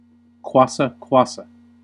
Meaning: A dance rhythm from the Congo (DRC), where the hips move back and forth while the hands move to follow the hips
- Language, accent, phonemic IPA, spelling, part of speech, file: English, US, /ˈkwɑs.ə ˈkwɑs.ə/, kwassa kwassa, noun, En-us-kwassa kwassa.ogg